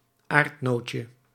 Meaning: diminutive of aardnoot
- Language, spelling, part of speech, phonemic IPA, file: Dutch, aardnootje, noun, /ˈartnocə/, Nl-aardnootje.ogg